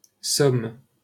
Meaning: 1. Somme (a department of Hauts-de-France, France) 2. Somme (a river in northern France)
- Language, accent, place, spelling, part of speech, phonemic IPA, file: French, France, Paris, Somme, proper noun, /sɔm/, LL-Q150 (fra)-Somme.wav